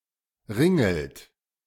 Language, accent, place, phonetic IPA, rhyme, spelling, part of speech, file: German, Germany, Berlin, [ˈʁɪŋl̩t], -ɪŋl̩t, ringelt, verb, De-ringelt.ogg
- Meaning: inflection of ringeln: 1. second-person plural present 2. third-person singular present 3. plural imperative